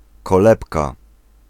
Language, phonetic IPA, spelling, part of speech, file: Polish, [kɔˈlɛpka], kolebka, noun, Pl-kolebka.ogg